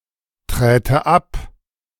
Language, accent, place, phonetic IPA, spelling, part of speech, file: German, Germany, Berlin, [ˌtʁɛːtə ˈap], träte ab, verb, De-träte ab.ogg
- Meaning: first/third-person singular subjunctive II of abtreten